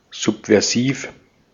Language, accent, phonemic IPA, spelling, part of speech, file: German, Austria, /ˌzupvɛʁˈziːf/, subversiv, adjective, De-at-subversiv.ogg
- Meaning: subversive